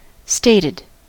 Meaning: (verb) simple past and past participle of state; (adjective) 1. Expressed in a statement; uttered or written 2. Settled; established; fixed 3. Recurring at a regular time; not occasional
- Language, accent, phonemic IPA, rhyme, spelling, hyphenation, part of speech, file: English, US, /ˈsteɪtɪd/, -eɪtɪd, stated, stat‧ed, verb / adjective, En-us-stated.ogg